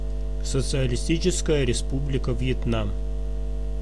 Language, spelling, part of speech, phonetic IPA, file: Russian, Социалистическая Республика Вьетнам, proper noun, [sət͡sɨəlʲɪˈsʲtʲit͡ɕɪskəjə rʲɪˈspublʲɪkə v⁽ʲ⁾jɪtˈnam], Ru-Социалистическая Республика Вьетнам.ogg
- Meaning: Socialist Republic of Vietnam (official name of Vietnam: a country in Southeast Asia)